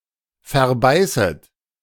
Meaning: second-person plural subjunctive I of verbeißen
- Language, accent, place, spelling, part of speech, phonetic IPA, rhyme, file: German, Germany, Berlin, verbeißet, verb, [fɛɐ̯ˈbaɪ̯sət], -aɪ̯sət, De-verbeißet.ogg